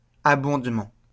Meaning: additional financing provided by a second party to funds amassed by a first party, such as by an employer to a retirement fund
- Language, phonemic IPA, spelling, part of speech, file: French, /a.bɔ̃d.mɑ̃/, abondement, noun, LL-Q150 (fra)-abondement.wav